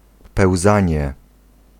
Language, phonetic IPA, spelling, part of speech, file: Polish, [pɛwˈzãɲɛ], pełzanie, noun, Pl-pełzanie.ogg